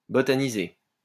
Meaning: to botanize
- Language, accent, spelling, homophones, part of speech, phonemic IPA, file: French, France, botaniser, botanisai / botanisé / botanisée / botanisées / botanisés / botanisez, verb, /bɔ.ta.ni.ze/, LL-Q150 (fra)-botaniser.wav